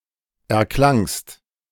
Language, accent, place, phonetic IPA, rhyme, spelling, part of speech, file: German, Germany, Berlin, [ɛɐ̯ˈklaŋst], -aŋst, erklangst, verb, De-erklangst.ogg
- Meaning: second-person singular preterite of erklingen